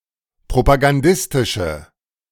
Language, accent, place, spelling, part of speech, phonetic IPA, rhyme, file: German, Germany, Berlin, propagandistische, adjective, [pʁopaɡanˈdɪstɪʃə], -ɪstɪʃə, De-propagandistische.ogg
- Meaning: inflection of propagandistisch: 1. strong/mixed nominative/accusative feminine singular 2. strong nominative/accusative plural 3. weak nominative all-gender singular